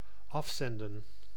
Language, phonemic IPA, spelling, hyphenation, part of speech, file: Dutch, /ˈɑfˌsɛndə(n)/, afzenden, af‧zen‧den, verb, Nl-afzenden.ogg
- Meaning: to ship, dispatch, send off